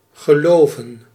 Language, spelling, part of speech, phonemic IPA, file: Dutch, geloven, verb, /ɣəˈloːvə(n)/, Nl-geloven.ogg
- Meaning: 1. to believe, to hold a belief 2. to believe, to be convinced by 3. synonym of loven (“to praise”) 4. synonym of beloven (“to promise”)